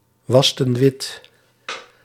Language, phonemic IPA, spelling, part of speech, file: Dutch, /ˈwɑstə(n) ˈwɪt/, wasten wit, verb, Nl-wasten wit.ogg
- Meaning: inflection of witwassen: 1. plural past indicative 2. plural past subjunctive